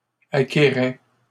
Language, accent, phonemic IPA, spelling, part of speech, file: French, Canada, /a.ke.ʁɛ/, acquérais, verb, LL-Q150 (fra)-acquérais.wav
- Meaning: first/second-person singular imperfect indicative of acquérir